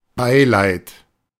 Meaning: condolence, sympathy (especially over death)
- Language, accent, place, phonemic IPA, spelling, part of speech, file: German, Germany, Berlin, /ˈbaɪ̯laɪ̯t/, Beileid, noun, De-Beileid.ogg